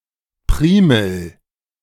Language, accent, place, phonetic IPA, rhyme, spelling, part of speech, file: German, Germany, Berlin, [ˈpʁiːml̩], -iːml̩, Primel, noun, De-Primel.ogg
- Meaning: primrose, primula